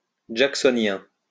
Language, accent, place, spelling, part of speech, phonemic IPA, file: French, France, Lyon, jacksonien, adjective, /dʒak.sɔ.njɛ̃/, LL-Q150 (fra)-jacksonien.wav
- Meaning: Jacksonian